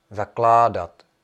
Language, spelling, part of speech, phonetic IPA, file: Czech, zakládat, verb, [ˈzaklaːdat], Cs-zakládat.ogg
- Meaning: imperfective of založit